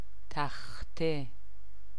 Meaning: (classifier) classifier for counting blankets, carpets, and rugs; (noun) board (a relatively long and wide piece of any material, usually wood): 1. blackboard, chalkboard, whiteboard 2. plank
- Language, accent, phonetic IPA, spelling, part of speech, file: Persian, Iran, [t̪ʰæx.t̪ʰe], تخته, classifier / noun, Fa-تخته.ogg